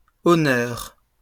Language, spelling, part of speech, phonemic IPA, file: French, honneurs, noun, /ɔ.nœʁ/, LL-Q150 (fra)-honneurs.wav
- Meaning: plural of honneur